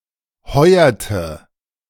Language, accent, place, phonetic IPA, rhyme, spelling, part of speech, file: German, Germany, Berlin, [ˈhɔɪ̯ɐtə], -ɔɪ̯ɐtə, heuerte, verb, De-heuerte.ogg
- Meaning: inflection of heuern: 1. first/third-person singular preterite 2. first/third-person singular subjunctive II